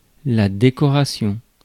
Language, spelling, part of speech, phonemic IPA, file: French, décoration, noun, /de.kɔ.ʁa.sjɔ̃/, Fr-décoration.ogg
- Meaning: 1. decoration 2. decoration (honor, medal)